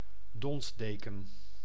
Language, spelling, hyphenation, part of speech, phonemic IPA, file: Dutch, donsdeken, dons‧de‧ken, noun, /ˈdɔnsˌdeː.kə(n)/, Nl-donsdeken.ogg
- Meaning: a quilt padded with down